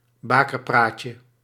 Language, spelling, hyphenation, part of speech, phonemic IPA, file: Dutch, bakerpraatje, ba‧ker‧praat‧je, noun, /ˈbaː.kərˌpraːt.jə/, Nl-bakerpraatje.ogg
- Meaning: 1. an urban myth about childbirth and childrearing 2. any urban myth or unfounded, unreliable story